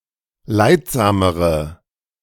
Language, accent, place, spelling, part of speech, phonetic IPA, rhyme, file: German, Germany, Berlin, leidsamere, adjective, [ˈlaɪ̯tˌzaːməʁə], -aɪ̯tzaːməʁə, De-leidsamere.ogg
- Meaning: inflection of leidsam: 1. strong/mixed nominative/accusative feminine singular comparative degree 2. strong nominative/accusative plural comparative degree